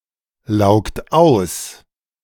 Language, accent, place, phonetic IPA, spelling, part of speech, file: German, Germany, Berlin, [ˌlaʊ̯kt ˈaʊ̯s], laugt aus, verb, De-laugt aus.ogg
- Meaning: inflection of auslaugen: 1. second-person plural present 2. third-person singular present 3. plural imperative